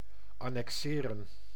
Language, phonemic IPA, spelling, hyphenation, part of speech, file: Dutch, /ɑnɛkˈseːrə(n)/, annexeren, an‧nexe‧ren, verb, Nl-annexeren.ogg
- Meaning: 1. to annex, to incorporate by force 2. to legally incorporate, join or link 3. to append, to annex (a document)